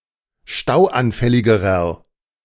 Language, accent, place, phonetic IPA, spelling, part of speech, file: German, Germany, Berlin, [ˈʃtaʊ̯ʔanˌfɛlɪɡəʁɐ], stauanfälligerer, adjective, De-stauanfälligerer.ogg
- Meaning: inflection of stauanfällig: 1. strong/mixed nominative masculine singular comparative degree 2. strong genitive/dative feminine singular comparative degree 3. strong genitive plural comparative degree